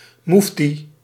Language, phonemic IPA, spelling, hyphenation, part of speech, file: Dutch, /ˈmuf.ti/, moefti, moef‧ti, noun, Nl-moefti.ogg
- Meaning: a mufti